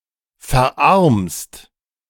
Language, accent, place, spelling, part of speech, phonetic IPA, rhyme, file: German, Germany, Berlin, verarmst, verb, [fɛɐ̯ˈʔaʁmst], -aʁmst, De-verarmst.ogg
- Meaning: second-person singular present of verarmen